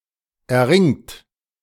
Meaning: inflection of erringen: 1. third-person singular present 2. second-person plural present 3. plural imperative
- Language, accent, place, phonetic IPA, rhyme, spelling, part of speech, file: German, Germany, Berlin, [ɛɐ̯ˈʁɪŋt], -ɪŋt, erringt, verb, De-erringt.ogg